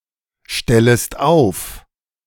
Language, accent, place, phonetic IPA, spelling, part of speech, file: German, Germany, Berlin, [ˌʃtɛləst ˈaʊ̯f], stellest auf, verb, De-stellest auf.ogg
- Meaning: second-person singular subjunctive I of aufstellen